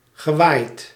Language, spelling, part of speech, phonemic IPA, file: Dutch, gewaaid, verb, /ɣəˈʋaɪt/, Nl-gewaaid.ogg
- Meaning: past participle of waaien